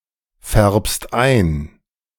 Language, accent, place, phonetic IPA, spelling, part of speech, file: German, Germany, Berlin, [ˌfɛʁpst ˈaɪ̯n], färbst ein, verb, De-färbst ein.ogg
- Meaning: second-person singular present of einfärben